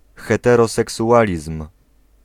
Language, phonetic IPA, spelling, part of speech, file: Polish, [ˌxɛtɛrɔsɛksuˈʷalʲism̥], heteroseksualizm, noun, Pl-heteroseksualizm.ogg